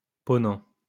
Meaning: 1. the west 2. the western ocean (rather than the Mediterranean)
- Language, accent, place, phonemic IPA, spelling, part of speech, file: French, France, Lyon, /pɔ.nɑ̃/, ponant, noun, LL-Q150 (fra)-ponant.wav